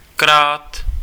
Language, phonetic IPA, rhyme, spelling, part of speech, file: Czech, [ˈkraːt], -aːt, krát, conjunction, Cs-krát.ogg
- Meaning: times (multiplied by)